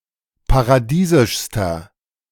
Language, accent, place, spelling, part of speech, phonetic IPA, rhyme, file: German, Germany, Berlin, paradiesischster, adjective, [paʁaˈdiːzɪʃstɐ], -iːzɪʃstɐ, De-paradiesischster.ogg
- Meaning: inflection of paradiesisch: 1. strong/mixed nominative masculine singular superlative degree 2. strong genitive/dative feminine singular superlative degree 3. strong genitive plural superlative degree